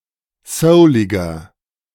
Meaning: 1. comparative degree of soulig 2. inflection of soulig: strong/mixed nominative masculine singular 3. inflection of soulig: strong genitive/dative feminine singular
- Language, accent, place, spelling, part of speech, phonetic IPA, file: German, Germany, Berlin, souliger, adjective, [ˈsəʊlɪɡɐ], De-souliger.ogg